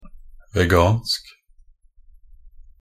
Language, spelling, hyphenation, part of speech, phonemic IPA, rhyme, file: Norwegian Bokmål, vegansk, ve‧gansk, adjective, /ʋɛˈɡɑːnsk/, -ɑːnsk, Nb-vegansk.ogg
- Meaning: 1. vegan (not containing animal products (meat, eggs, milk, leather, etc) or inherently involving animal use) 2. vegan (relating to vegans or veganism)